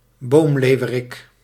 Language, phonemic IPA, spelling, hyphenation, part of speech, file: Dutch, /ˈboːmˌleːu̯.(ʋ)ə.rɪk/, boomleeuwerik, boom‧leeu‧we‧rik, noun, Nl-boomleeuwerik.ogg
- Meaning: woodlark (Lullula arborea)